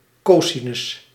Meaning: cosine
- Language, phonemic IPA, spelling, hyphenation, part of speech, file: Dutch, /ˈkoː.si.nʏs/, cosinus, co‧si‧nus, noun, Nl-cosinus.ogg